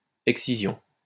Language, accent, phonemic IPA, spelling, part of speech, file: French, France, /ɛk.si.zjɔ̃/, excision, noun, LL-Q150 (fra)-excision.wav
- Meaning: excision